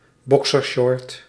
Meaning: a pair of boxer briefs
- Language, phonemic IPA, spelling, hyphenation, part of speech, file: Dutch, /ˈbɔk.sərˌʃɔrt/, boxershort, bo‧xer‧short, noun, Nl-boxershort.ogg